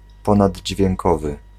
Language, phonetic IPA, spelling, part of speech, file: Polish, [ˌpɔ̃nadʲd͡ʑvʲjɛ̃ŋˈkɔvɨ], ponaddźwiękowy, adjective, Pl-ponaddźwiękowy.ogg